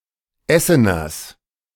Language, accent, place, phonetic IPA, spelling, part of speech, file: German, Germany, Berlin, [ˈɛsənɐs], Esseners, noun, De-Esseners.ogg
- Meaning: genitive singular of Essener